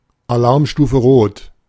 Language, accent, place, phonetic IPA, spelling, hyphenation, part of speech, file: German, Germany, Berlin, [aˈlaʁmˌʃtuːfə ˈʀoːt], Alarmstufe Rot, Alarm‧stu‧fe Rot, phrase, De-Alarmstufe Rot.ogg
- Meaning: red alert